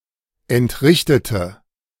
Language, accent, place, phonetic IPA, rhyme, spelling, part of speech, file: German, Germany, Berlin, [ɛntˈʁɪçtətə], -ɪçtətə, entrichtete, adjective / verb, De-entrichtete.ogg
- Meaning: inflection of entrichten: 1. first/third-person singular preterite 2. first/third-person singular subjunctive II